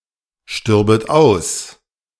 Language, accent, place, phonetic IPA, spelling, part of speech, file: German, Germany, Berlin, [ˌʃtʏʁbət ˈaʊ̯s], stürbet aus, verb, De-stürbet aus.ogg
- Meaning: second-person plural subjunctive II of aussterben